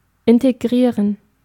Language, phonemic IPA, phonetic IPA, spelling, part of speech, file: German, /ɪntəˈɡʁiːʁən/, [ʔɪntʰəˈɡʁiːɐ̯n], integrieren, verb, De-integrieren.ogg
- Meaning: to integrate